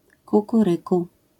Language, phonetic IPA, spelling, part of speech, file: Polish, [ˌkukuˈrɨku], kukuryku, interjection / noun, LL-Q809 (pol)-kukuryku.wav